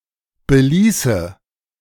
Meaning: first/third-person singular subjunctive II of belassen
- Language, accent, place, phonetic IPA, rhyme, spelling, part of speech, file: German, Germany, Berlin, [bəˈliːsə], -iːsə, beließe, verb, De-beließe.ogg